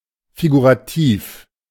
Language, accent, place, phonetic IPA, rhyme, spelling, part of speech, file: German, Germany, Berlin, [fiɡuʁaˈtiːf], -iːf, figurativ, adjective, De-figurativ.ogg
- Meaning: figurative